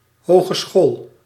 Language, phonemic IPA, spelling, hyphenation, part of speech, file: Dutch, /ˌɦoː.ɣəˈsxoːl/, hogeschool, ho‧ge‧school, noun, Nl-hogeschool.ogg
- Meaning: hogeschool; polytechnic, college